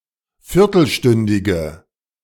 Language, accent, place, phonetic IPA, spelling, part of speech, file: German, Germany, Berlin, [ˈfɪʁtl̩ˌʃtʏndɪɡə], viertelstündige, adjective, De-viertelstündige.ogg
- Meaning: inflection of viertelstündig: 1. strong/mixed nominative/accusative feminine singular 2. strong nominative/accusative plural 3. weak nominative all-gender singular